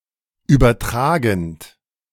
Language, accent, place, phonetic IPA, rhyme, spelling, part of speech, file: German, Germany, Berlin, [ˌyːbɐˈtʁaːɡn̩t], -aːɡn̩t, übertragend, verb, De-übertragend.ogg
- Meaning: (verb) present participle of übertragen; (adjective) 1. carrying, transmitting 2. conferring, assigning